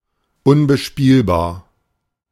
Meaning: unplayable
- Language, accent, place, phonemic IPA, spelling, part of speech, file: German, Germany, Berlin, /ˈʊnbəˌʃpiːlbaːɐ̯/, unbespielbar, adjective, De-unbespielbar.ogg